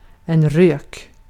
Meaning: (noun) 1. smoke 2. a cigarette; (verb) imperative of röka
- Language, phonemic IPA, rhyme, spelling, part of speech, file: Swedish, /røːk/, -øːk, rök, noun / verb, Sv-rök.ogg